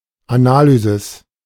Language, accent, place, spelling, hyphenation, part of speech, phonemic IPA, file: German, Germany, Berlin, Analysis, Ana‧ly‧sis, noun, /aˈna(ː)lyzɪs/, De-Analysis.ogg
- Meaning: analysis (study of functions etc., the calculus)